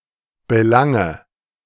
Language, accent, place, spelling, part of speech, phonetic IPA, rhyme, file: German, Germany, Berlin, belange, verb, [bəˈlaŋə], -aŋə, De-belange.ogg
- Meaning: inflection of belangen: 1. first-person singular present 2. first/third-person singular subjunctive I 3. singular imperative